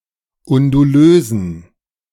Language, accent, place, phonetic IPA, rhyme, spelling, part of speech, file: German, Germany, Berlin, [ʊnduˈløːzn̩], -øːzn̩, undulösen, adjective, De-undulösen.ogg
- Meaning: inflection of undulös: 1. strong genitive masculine/neuter singular 2. weak/mixed genitive/dative all-gender singular 3. strong/weak/mixed accusative masculine singular 4. strong dative plural